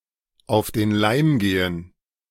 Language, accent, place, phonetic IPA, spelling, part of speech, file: German, Germany, Berlin, [ˌaʊ̯f deːn ˈlaɪ̯m ˈɡeːən], auf den Leim gehen, phrase, De-auf den Leim gehen.ogg
- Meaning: to be fooled by someone